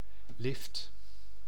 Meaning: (noun) 1. a lift, an elevator 2. a free ride, a lift; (verb) inflection of liften: 1. first/second/third-person singular present indicative 2. imperative
- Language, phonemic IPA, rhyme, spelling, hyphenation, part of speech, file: Dutch, /lɪft/, -ɪft, lift, lift, noun / verb, Nl-lift.ogg